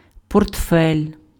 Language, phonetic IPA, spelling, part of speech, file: Ukrainian, [pɔrtˈfɛlʲ], портфель, noun, Uk-портфель.ogg
- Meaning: 1. briefcase 2. portfolio